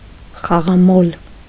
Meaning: gambler
- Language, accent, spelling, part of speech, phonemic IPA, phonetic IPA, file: Armenian, Eastern Armenian, խաղամոլ, noun, /χɑʁɑˈmol/, [χɑʁɑmól], Hy-խաղամոլ.ogg